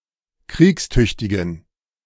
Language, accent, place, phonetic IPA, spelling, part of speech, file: German, Germany, Berlin, [ˈkʁiːksˌtʏçtɪɡn̩], kriegstüchtigen, adjective, De-kriegstüchtigen.ogg
- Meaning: inflection of kriegstüchtig: 1. strong genitive masculine/neuter singular 2. weak/mixed genitive/dative all-gender singular 3. strong/weak/mixed accusative masculine singular 4. strong dative plural